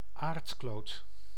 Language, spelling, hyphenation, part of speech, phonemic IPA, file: Dutch, aardkloot, aard‧kloot, noun, /ˈaːrtˌkloːt/, Nl-aardkloot.ogg
- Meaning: 1. Planet Earth 2. any (rocky) planet